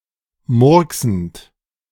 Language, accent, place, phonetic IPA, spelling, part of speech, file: German, Germany, Berlin, [ˈmʊʁksn̩t], murksend, verb, De-murksend.ogg
- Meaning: present participle of murksen